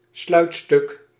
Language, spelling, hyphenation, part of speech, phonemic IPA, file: Dutch, sluitstuk, sluit‧stuk, noun, /ˈslœy̯k.stʏk/, Nl-sluitstuk.ogg
- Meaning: 1. stop 2. final part, tail end, finale